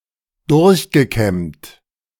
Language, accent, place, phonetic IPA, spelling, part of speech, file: German, Germany, Berlin, [ˈdʊʁçɡəˌkɛmt], durchgekämmt, verb, De-durchgekämmt.ogg
- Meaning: past participle of durchkämmen